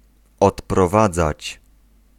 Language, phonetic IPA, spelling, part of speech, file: Polish, [ˌɔtprɔˈvad͡zat͡ɕ], odprowadzać, verb, Pl-odprowadzać.ogg